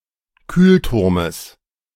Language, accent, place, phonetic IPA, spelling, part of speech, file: German, Germany, Berlin, [ˈkyːlˌtʊʁməs], Kühlturmes, noun, De-Kühlturmes.ogg
- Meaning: genitive singular of Kühlturm